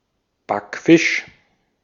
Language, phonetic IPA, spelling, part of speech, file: German, [ˈbakˌfɪʃ], Backfisch, noun, De-at-Backfisch.ogg
- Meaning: 1. baked or fried fish, or a fish intended for baking or frying 2. backfisch, teenage or late-adolescent girl